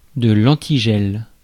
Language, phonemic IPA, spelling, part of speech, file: French, /ɑ̃.ti.ʒɛl/, antigel, noun, Fr-antigel.ogg
- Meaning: antifreeze